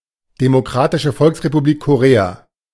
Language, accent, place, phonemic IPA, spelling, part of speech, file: German, Germany, Berlin, /demoˈkʁaːtɪʃə ˈfɔlksʁepuˌbliːk koˈʁeːa /, Demokratische Volksrepublik Korea, proper noun, De-Demokratische Volksrepublik Korea.ogg
- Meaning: Democratic People's Republic of Korea (official name of North Korea: a country in East Asia)